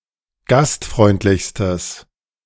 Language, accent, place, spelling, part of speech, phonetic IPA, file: German, Germany, Berlin, gastfreundlichstes, adjective, [ˈɡastˌfʁɔɪ̯ntlɪçstəs], De-gastfreundlichstes.ogg
- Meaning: strong/mixed nominative/accusative neuter singular superlative degree of gastfreundlich